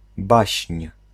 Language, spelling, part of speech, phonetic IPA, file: Polish, baśń, noun, [baɕɲ̊], Pl-baśń.ogg